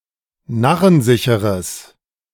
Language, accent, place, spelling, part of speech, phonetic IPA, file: German, Germany, Berlin, narrensicheres, adjective, [ˈnaʁənˌzɪçəʁəs], De-narrensicheres.ogg
- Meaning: strong/mixed nominative/accusative neuter singular of narrensicher